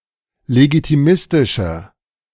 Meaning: inflection of legitimistisch: 1. strong/mixed nominative masculine singular 2. strong genitive/dative feminine singular 3. strong genitive plural
- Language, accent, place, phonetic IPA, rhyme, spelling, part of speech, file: German, Germany, Berlin, [leɡitiˈmɪstɪʃɐ], -ɪstɪʃɐ, legitimistischer, adjective, De-legitimistischer.ogg